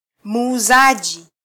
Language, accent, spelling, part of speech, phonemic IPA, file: Swahili, Kenya, muuzaji, noun, /muːˈzɑ.ʄi/, Sw-ke-muuzaji.flac
- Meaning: alternative form of mwuzaji